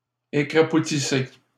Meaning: inflection of écrapoutir: 1. second-person plural present indicative 2. second-person plural imperative
- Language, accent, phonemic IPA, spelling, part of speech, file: French, Canada, /e.kʁa.pu.ti.se/, écrapoutissez, verb, LL-Q150 (fra)-écrapoutissez.wav